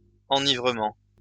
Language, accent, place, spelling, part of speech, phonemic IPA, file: French, France, Lyon, enivrement, noun, /ɑ̃.ni.vʁə.mɑ̃/, LL-Q150 (fra)-enivrement.wav
- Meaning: exhilaration